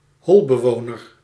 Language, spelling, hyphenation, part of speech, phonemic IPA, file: Dutch, holbewoner, hol‧be‧wo‧ner, noun, /ˈɦɔlbəˌʋoːnər/, Nl-holbewoner.ogg
- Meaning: troglodyte, any cave-dweller, e.g. cave man or cave-dwelling animal